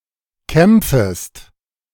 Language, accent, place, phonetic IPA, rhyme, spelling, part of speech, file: German, Germany, Berlin, [ˈkɛmp͡fəst], -ɛmp͡fəst, kämpfest, verb, De-kämpfest.ogg
- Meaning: second-person singular subjunctive I of kämpfen